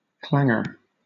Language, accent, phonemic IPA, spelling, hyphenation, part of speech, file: English, Southern England, /ˈklæŋ(ɡ)ə/, clangour, clan‧gour, noun / verb, LL-Q1860 (eng)-clangour.wav
- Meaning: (noun) A loud, repeating clanging sound; a loud racket; a din; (verb) To make a clanging sound